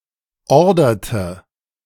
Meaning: inflection of ordern: 1. first/third-person singular preterite 2. first/third-person singular subjunctive II
- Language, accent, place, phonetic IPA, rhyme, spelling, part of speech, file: German, Germany, Berlin, [ˈɔʁdɐtə], -ɔʁdɐtə, orderte, verb, De-orderte.ogg